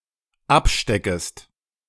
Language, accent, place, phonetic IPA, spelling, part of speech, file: German, Germany, Berlin, [ˈapˌʃtɛkəst], absteckest, verb, De-absteckest.ogg
- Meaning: second-person singular dependent subjunctive I of abstecken